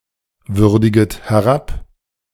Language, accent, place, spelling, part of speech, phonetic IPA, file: German, Germany, Berlin, würdiget herab, verb, [ˌvʏʁdɪɡət hɛˈʁap], De-würdiget herab.ogg
- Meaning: second-person plural subjunctive I of herabwürdigen